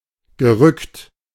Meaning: past participle of rücken
- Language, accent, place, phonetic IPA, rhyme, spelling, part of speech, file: German, Germany, Berlin, [ɡəˈʁʏkt], -ʏkt, gerückt, verb, De-gerückt.ogg